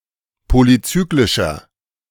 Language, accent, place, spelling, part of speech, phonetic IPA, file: German, Germany, Berlin, polycyclischer, adjective, [ˌpolyˈt͡syːklɪʃɐ], De-polycyclischer.ogg
- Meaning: inflection of polycyclisch: 1. strong/mixed nominative masculine singular 2. strong genitive/dative feminine singular 3. strong genitive plural